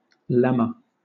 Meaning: A proposition proved or accepted for immediate use in the proof of some other proposition
- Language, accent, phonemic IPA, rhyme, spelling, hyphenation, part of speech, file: English, Southern England, /ˈlɛmə/, -ɛmə, lemma, lem‧ma, noun, LL-Q1860 (eng)-lemma.wav